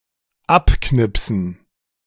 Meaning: 1. to clip off 2. to punch (e.g. a ticket) 3. to photograph 4. to shoot dead
- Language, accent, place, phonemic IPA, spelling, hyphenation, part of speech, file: German, Germany, Berlin, /ˈapˌknɪpsn̩/, abknipsen, ab‧knip‧sen, verb, De-abknipsen.ogg